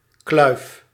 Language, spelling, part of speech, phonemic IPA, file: Dutch, kluif, noun / verb, /klœyf/, Nl-kluif.ogg
- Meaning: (noun) 1. a chunk (of meat with bone) 2. a difficult task; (verb) inflection of kluiven: 1. first-person singular present indicative 2. second-person singular present indicative 3. imperative